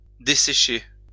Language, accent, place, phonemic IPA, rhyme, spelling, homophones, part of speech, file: French, France, Lyon, /de.se.ʃe/, -e, dessécher, desséchai / desséché / desséchée / desséchées / desséchés / desséchez, verb, LL-Q150 (fra)-dessécher.wav
- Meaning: 1. to dry, to dry out 2. to dry out